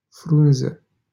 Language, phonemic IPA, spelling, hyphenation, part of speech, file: Romanian, /ˈfrun.zə/, Frunză, Frun‧ză, proper noun, LL-Q7913 (ron)-Frunză.wav
- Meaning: 1. a town in Ocnița Raion, Moldova 2. a surname